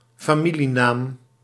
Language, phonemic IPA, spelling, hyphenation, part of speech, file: Dutch, /faːˈmi.liˌnaːm/, familienaam, fa‧mi‧lie‧naam, noun, Nl-familienaam.ogg
- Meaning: 1. surname 2. name of a taxonomic family